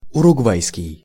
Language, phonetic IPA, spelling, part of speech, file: Russian, [ʊrʊɡˈvajskʲɪj], уругвайский, adjective, Ru-уругвайский.ogg
- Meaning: Uruguayan